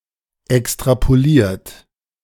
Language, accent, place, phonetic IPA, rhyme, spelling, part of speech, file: German, Germany, Berlin, [ɛkstʁapoˈliːɐ̯t], -iːɐ̯t, extrapoliert, verb, De-extrapoliert.ogg
- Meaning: inflection of extrapolieren: 1. third-person singular present 2. perfect participle 3. second-person plural present 4. plural imperative